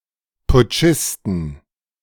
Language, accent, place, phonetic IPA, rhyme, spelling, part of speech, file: German, Germany, Berlin, [pʊˈt͡ʃɪstn̩], -ɪstn̩, Putschisten, noun, De-Putschisten.ogg
- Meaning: inflection of Putschist: 1. genitive/dative/accusative singular 2. nominative/genitive/dative/accusative plural